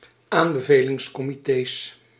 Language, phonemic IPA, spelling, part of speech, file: Dutch, /ˈambəvelɪŋsˌkɔmiˌtes/, aanbevelingscomités, noun, Nl-aanbevelingscomités.ogg
- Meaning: plural of aanbevelingscomité